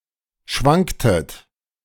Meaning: inflection of schwanken: 1. second-person plural preterite 2. second-person plural subjunctive II
- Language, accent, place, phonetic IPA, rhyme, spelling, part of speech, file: German, Germany, Berlin, [ˈʃvaŋktət], -aŋktət, schwanktet, verb, De-schwanktet.ogg